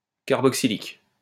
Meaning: carboxylic
- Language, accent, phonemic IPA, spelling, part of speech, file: French, France, /kaʁ.bɔk.si.lik/, carboxylique, adjective, LL-Q150 (fra)-carboxylique.wav